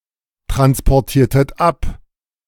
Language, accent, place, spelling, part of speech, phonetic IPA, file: German, Germany, Berlin, transportiertet ab, verb, [tʁanspɔʁˌtiːɐ̯tət ˈap], De-transportiertet ab.ogg
- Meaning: inflection of abtransportieren: 1. second-person plural preterite 2. second-person plural subjunctive II